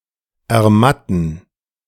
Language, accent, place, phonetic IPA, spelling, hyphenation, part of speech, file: German, Germany, Berlin, [ɛɐ̯ˈmatn̩], ermatten, er‧mat‧ten, verb, De-ermatten.ogg
- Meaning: 1. to become weak or limp, to lose strength 2. to lose shine, to become dull 3. to make weak, to weaken 4. to make dull, to cause to lose shine